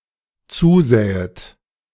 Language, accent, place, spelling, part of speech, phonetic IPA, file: German, Germany, Berlin, zusähet, verb, [ˈt͡suːˌzɛːət], De-zusähet.ogg
- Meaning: second-person plural dependent subjunctive II of zusehen